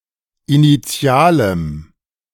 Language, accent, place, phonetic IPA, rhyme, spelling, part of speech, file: German, Germany, Berlin, [iniˈt͡si̯aːləm], -aːləm, initialem, adjective, De-initialem.ogg
- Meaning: strong dative masculine/neuter singular of initial